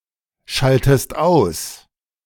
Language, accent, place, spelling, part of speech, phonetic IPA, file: German, Germany, Berlin, schaltest aus, verb, [ˌʃaltəst ˈaʊ̯s], De-schaltest aus.ogg
- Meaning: inflection of ausschalten: 1. second-person singular present 2. second-person singular subjunctive I